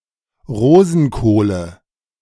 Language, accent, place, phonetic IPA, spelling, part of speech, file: German, Germany, Berlin, [ˈʁoːzn̩koːlə], Rosenkohle, noun, De-Rosenkohle.ogg
- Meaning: dative of Rosenkohl